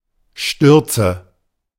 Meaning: nominative/accusative/genitive plural of Sturz
- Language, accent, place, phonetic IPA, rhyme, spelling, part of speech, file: German, Germany, Berlin, [ˈʃtʏʁt͡sə], -ʏʁt͡sə, Stürze, noun, De-Stürze.ogg